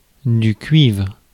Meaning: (noun) 1. copper 2. brass 3. copperplate; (verb) inflection of cuivrer: 1. first/third-person singular present indicative/subjunctive 2. second-person singular imperative
- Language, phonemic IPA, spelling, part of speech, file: French, /kɥivʁ/, cuivre, noun / verb, Fr-cuivre.ogg